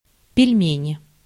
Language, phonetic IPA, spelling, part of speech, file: Russian, [pʲɪlʲˈmʲenʲɪ], пельмени, noun, Ru-пельмени.ogg
- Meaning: pelmeni, nominative/accusative plural of пельме́нь (pelʹménʹ)